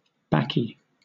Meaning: Tobacco
- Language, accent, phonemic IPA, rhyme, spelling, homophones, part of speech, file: English, Southern England, /ˈbæki/, -æki, baccy, bakkie, noun, LL-Q1860 (eng)-baccy.wav